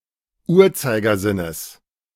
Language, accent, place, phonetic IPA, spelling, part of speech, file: German, Germany, Berlin, [ˈuːɐ̯t͡saɪ̯ɡɐˌzɪnəs], Uhrzeigersinnes, noun, De-Uhrzeigersinnes.ogg
- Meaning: genitive of Uhrzeigersinn